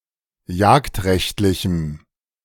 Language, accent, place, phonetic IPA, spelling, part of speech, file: German, Germany, Berlin, [ˈjaːktˌʁɛçtlɪçm̩], jagdrechtlichem, adjective, De-jagdrechtlichem.ogg
- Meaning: strong dative masculine/neuter singular of jagdrechtlich